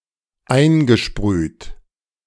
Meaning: past participle of einsprühen - sprayed
- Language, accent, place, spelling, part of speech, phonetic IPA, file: German, Germany, Berlin, eingesprüht, verb, [ˈaɪ̯nɡəˌʃpʁyːt], De-eingesprüht.ogg